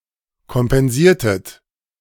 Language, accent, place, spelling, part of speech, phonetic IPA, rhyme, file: German, Germany, Berlin, kompensiertet, verb, [kɔmpɛnˈziːɐ̯tət], -iːɐ̯tət, De-kompensiertet.ogg
- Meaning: inflection of kompensieren: 1. second-person plural preterite 2. second-person plural subjunctive II